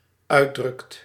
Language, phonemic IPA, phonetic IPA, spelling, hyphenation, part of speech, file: Dutch, /ˈœy̯.drʏkt/, [ˈœː.drʏkt], uitdrukt, uit‧drukt, verb, Nl-uitdrukt.ogg
- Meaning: second/third-person singular dependent-clause present indicative of uitdrukken